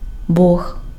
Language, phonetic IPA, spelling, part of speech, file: Ukrainian, [bɔɦ], бог, noun, Uk-Бог.ogg
- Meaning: god